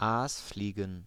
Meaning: plural of Aasfliege
- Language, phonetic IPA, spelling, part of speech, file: German, [ˈaːsˌfliːɡn̩], Aasfliegen, noun, De-Aasfliegen.ogg